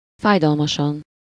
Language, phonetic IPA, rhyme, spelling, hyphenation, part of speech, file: Hungarian, [ˈfaːjdɒlmɒʃɒn], -ɒn, fájdalmasan, fáj‧dal‧ma‧san, adverb, Hu-fájdalmasan.ogg
- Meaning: painfully